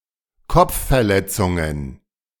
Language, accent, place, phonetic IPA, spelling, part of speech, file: German, Germany, Berlin, [ˈkɔp͡ffɛɐ̯ˌlɛt͡sʊŋən], Kopfverletzungen, noun, De-Kopfverletzungen.ogg
- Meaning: plural of Kopfverletzung